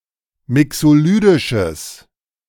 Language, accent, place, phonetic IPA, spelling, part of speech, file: German, Germany, Berlin, [ˈmɪksoˌlyːdɪʃəs], mixolydisches, adjective, De-mixolydisches.ogg
- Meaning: strong/mixed nominative/accusative neuter singular of mixolydisch